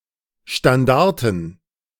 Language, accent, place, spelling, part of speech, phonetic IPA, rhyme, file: German, Germany, Berlin, Standarten, noun, [ʃtanˈdaʁtn̩], -aʁtn̩, De-Standarten.ogg
- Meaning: plural of Standarte